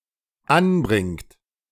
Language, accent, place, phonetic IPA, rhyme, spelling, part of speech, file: German, Germany, Berlin, [ˈanˌbʁɪŋt], -anbʁɪŋt, anbringt, verb, De-anbringt.ogg
- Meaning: inflection of anbringen: 1. third-person singular dependent present 2. second-person plural dependent present